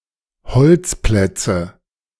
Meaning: nominative/accusative/genitive plural of Holzplatz
- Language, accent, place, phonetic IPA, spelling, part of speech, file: German, Germany, Berlin, [ˈhɔlt͡sˌplɛt͡sə], Holzplätze, noun, De-Holzplätze.ogg